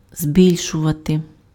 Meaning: 1. to increase, to augment 2. to enlarge, to magnify
- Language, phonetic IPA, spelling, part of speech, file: Ukrainian, [ˈzʲbʲilʲʃʊʋɐte], збільшувати, verb, Uk-збільшувати.ogg